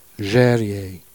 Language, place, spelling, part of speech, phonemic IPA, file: Jèrriais, Jersey, Jèrriais, adjective / noun / proper noun, /ˈʒɛ.ɾi.je/, Jer-Jèrriais.ogg
- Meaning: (adjective) of, from, or relating to Jersey; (noun) Jerseyman, someone from Jersey; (proper noun) Jèrriais